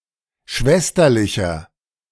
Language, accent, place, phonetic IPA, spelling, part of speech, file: German, Germany, Berlin, [ˈʃvɛstɐlɪçɐ], schwesterlicher, adjective, De-schwesterlicher.ogg
- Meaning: 1. comparative degree of schwesterlich 2. inflection of schwesterlich: strong/mixed nominative masculine singular 3. inflection of schwesterlich: strong genitive/dative feminine singular